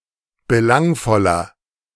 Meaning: 1. comparative degree of belangvoll 2. inflection of belangvoll: strong/mixed nominative masculine singular 3. inflection of belangvoll: strong genitive/dative feminine singular
- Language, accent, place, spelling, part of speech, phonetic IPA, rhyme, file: German, Germany, Berlin, belangvoller, adjective, [bəˈlaŋfɔlɐ], -aŋfɔlɐ, De-belangvoller.ogg